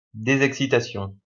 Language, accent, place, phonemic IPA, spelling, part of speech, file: French, France, Lyon, /de.zɛk.si.ta.sjɔ̃/, désexcitation, noun, LL-Q150 (fra)-désexcitation.wav
- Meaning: deexcitation